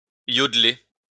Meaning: (singing) to yodel
- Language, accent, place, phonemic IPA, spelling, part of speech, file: French, France, Lyon, /jɔd.le/, yodler, verb, LL-Q150 (fra)-yodler.wav